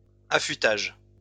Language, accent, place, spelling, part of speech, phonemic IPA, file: French, France, Lyon, affûtage, noun, /a.fy.taʒ/, LL-Q150 (fra)-affûtage.wav
- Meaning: sharpening, whetting